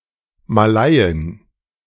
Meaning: female equivalent of Malaie (“Malay person”)
- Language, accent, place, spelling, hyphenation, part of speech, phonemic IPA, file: German, Germany, Berlin, Malaiin, Ma‧lai‧in, noun, /maˈlaɪ̯ɪn/, De-Malaiin.ogg